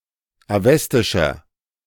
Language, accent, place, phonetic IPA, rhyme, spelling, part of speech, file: German, Germany, Berlin, [aˈvɛstɪʃɐ], -ɛstɪʃɐ, awestischer, adjective, De-awestischer.ogg
- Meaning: inflection of awestisch: 1. strong/mixed nominative masculine singular 2. strong genitive/dative feminine singular 3. strong genitive plural